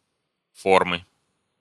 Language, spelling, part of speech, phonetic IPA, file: Russian, формы, noun, [ˈformɨ], Ru-формы.ogg
- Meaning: inflection of фо́рма (fórma): 1. genitive singular 2. nominative/accusative plural